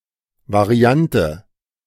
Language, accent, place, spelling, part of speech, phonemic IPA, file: German, Germany, Berlin, Variante, noun, /vaˈʁi̯antə/, De-Variante.ogg
- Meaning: 1. variant 2. variation